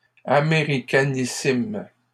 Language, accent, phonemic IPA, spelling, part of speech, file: French, Canada, /a.me.ʁi.ka.ni.sim/, américanissimes, adjective, LL-Q150 (fra)-américanissimes.wav
- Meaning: plural of américanissime